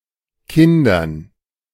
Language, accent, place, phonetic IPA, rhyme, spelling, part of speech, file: German, Germany, Berlin, [ˈkɪndɐn], -ɪndɐn, Kindern, noun, De-Kindern.ogg
- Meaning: dative plural of Kind